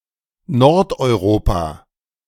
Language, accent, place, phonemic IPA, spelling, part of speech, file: German, Germany, Berlin, /nɔʁtɔɪˈʁoːpa/, Nordeuropa, proper noun, De-Nordeuropa.ogg
- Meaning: Northern Europe (a sociopolitical region of Europe including such countries as Denmark, Finland, Iceland, Norway, Sweden, Estonia, Latvia and Lithuania)